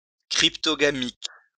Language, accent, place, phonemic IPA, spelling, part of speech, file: French, France, Lyon, /kʁip.tɔ.ɡa.mik/, cryptogamique, adjective, LL-Q150 (fra)-cryptogamique.wav
- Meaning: cryptogamic